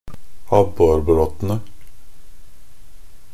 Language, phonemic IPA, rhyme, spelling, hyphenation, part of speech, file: Norwegian Bokmål, /ˈabːɔrbroːtənə/, -ənə, abborbråtene, ab‧bor‧brå‧te‧ne, noun, Nb-abborbråtene.ogg
- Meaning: definite plural of abborbråte